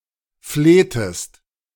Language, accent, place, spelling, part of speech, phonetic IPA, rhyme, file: German, Germany, Berlin, flehtest, verb, [ˈfleːtəst], -eːtəst, De-flehtest.ogg
- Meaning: inflection of flehen: 1. second-person singular preterite 2. second-person singular subjunctive II